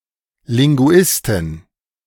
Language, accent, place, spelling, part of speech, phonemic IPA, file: German, Germany, Berlin, Linguistin, noun, /lɪŋɡʊˈɪstɪn/, De-Linguistin.ogg
- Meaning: female equivalent of Linguist (“linguist”)